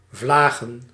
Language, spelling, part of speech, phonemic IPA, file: Dutch, vlagen, noun, /ˈvlaɣə(n)/, Nl-vlagen.ogg
- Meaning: plural of vlaag